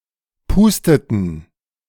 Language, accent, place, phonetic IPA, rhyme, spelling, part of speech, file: German, Germany, Berlin, [ˈpuːstətn̩], -uːstətn̩, pusteten, verb, De-pusteten.ogg
- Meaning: inflection of pusten: 1. first/third-person plural preterite 2. first/third-person plural subjunctive II